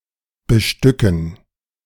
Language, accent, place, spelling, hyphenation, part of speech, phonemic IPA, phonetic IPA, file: German, Germany, Berlin, bestücken, be‧stü‧cken, verb, /bəˈʃtʏkən/, [bəˈʃtʏkn̩], De-bestücken.ogg
- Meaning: 1. to equip (with weapons, fashion accessories, transistors, etc.) 2. to populate (with transistors, integrated circuits, etc.)